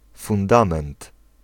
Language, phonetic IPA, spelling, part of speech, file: Polish, [fũnˈdãmɛ̃nt], fundament, noun, Pl-fundament.ogg